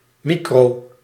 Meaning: micro-
- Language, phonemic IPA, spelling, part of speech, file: Dutch, /ˈmikro/, micro-, prefix, Nl-micro-.ogg